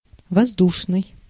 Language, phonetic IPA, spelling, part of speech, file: Russian, [vɐzˈduʂnɨj], воздушный, adjective, Ru-воздушный.ogg
- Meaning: 1. air; aerial 2. aviation 3. light, graceful